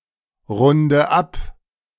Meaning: inflection of abrunden: 1. first-person singular present 2. first/third-person singular subjunctive I 3. singular imperative
- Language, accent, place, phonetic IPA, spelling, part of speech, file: German, Germany, Berlin, [ˌʁʊndə ˈap], runde ab, verb, De-runde ab.ogg